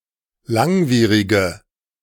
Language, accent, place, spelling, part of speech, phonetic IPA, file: German, Germany, Berlin, langwierige, adjective, [ˈlaŋˌviːʁɪɡə], De-langwierige.ogg
- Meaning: inflection of langwierig: 1. strong/mixed nominative/accusative feminine singular 2. strong nominative/accusative plural 3. weak nominative all-gender singular